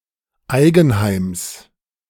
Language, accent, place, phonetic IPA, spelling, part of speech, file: German, Germany, Berlin, [ˈaɪ̯ɡn̩ˌhaɪ̯ms], Eigenheims, noun, De-Eigenheims.ogg
- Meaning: genitive singular of Eigenheim